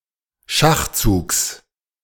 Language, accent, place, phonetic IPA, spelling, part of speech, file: German, Germany, Berlin, [ˈʃaxˌt͡suːks], Schachzugs, noun, De-Schachzugs.ogg
- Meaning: genitive of Schachzug